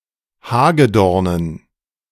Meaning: dative plural of Hagedorn
- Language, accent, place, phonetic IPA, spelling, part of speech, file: German, Germany, Berlin, [ˈhaːɡəˌdɔʁnən], Hagedornen, noun, De-Hagedornen.ogg